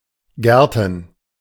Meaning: plural of Garten
- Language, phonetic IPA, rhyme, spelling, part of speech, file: German, [ˈɡɛʁtn̩], -ɛʁtn̩, Gärten, noun, De-Gärten.oga